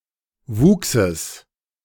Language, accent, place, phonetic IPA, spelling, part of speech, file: German, Germany, Berlin, [ˈvuːksəs], Wuchses, noun, De-Wuchses.ogg
- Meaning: genitive singular of Wuchs